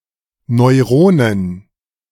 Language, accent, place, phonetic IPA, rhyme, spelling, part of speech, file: German, Germany, Berlin, [nɔɪ̯ˈʁoːnən], -oːnən, Neuronen, noun, De-Neuronen.ogg
- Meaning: plural of Neuron